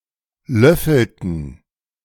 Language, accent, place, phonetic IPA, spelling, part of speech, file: German, Germany, Berlin, [ˈlœfl̩tn̩], löffelten, verb, De-löffelten.ogg
- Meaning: inflection of löffeln: 1. first/third-person plural preterite 2. first/third-person plural subjunctive II